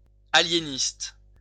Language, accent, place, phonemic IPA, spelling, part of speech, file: French, France, Lyon, /a.lje.nist/, aliéniste, adjective / noun, LL-Q150 (fra)-aliéniste.wav
- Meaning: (adjective) alienist